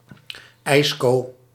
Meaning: an ice cream
- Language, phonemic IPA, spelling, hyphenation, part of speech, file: Dutch, /ˈɛi̯s.koː/, ijsco, ijs‧co, noun, Nl-ijsco.ogg